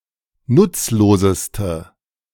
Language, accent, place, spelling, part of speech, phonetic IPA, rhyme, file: German, Germany, Berlin, nutzloseste, adjective, [ˈnʊt͡sloːzəstə], -ʊt͡sloːzəstə, De-nutzloseste.ogg
- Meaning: inflection of nutzlos: 1. strong/mixed nominative/accusative feminine singular superlative degree 2. strong nominative/accusative plural superlative degree